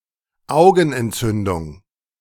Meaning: eye inflammation, ophthalmitis
- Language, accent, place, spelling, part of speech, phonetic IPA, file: German, Germany, Berlin, Augenentzündung, noun, [ˈʔaʊ̯ɡn̩ʔɛntˌtsʏndʊŋ], De-Augenentzündung.ogg